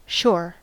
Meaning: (noun) 1. Land adjoining a non-flowing body of water, such as an ocean, lake or pond 2. Land, usually near a port; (verb) 1. To arrive at the shore 2. To put ashore
- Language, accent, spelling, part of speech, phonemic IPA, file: English, US, shore, noun / verb / adverb / adjective / interjection, /ʃɔɹ/, En-us-shore.ogg